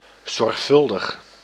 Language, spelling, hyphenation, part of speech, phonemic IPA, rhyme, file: Dutch, zorgvuldig, zorg‧vul‧dig, adjective, /ˌzɔrxˈfʏl.dəx/, -ʏldəx, Nl-zorgvuldig.ogg
- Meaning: careful, meticulous